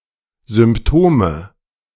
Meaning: nominative/accusative/genitive plural of Symptom
- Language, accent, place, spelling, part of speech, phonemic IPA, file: German, Germany, Berlin, Symptome, noun, /zʏmpˈtoːmə/, De-Symptome.ogg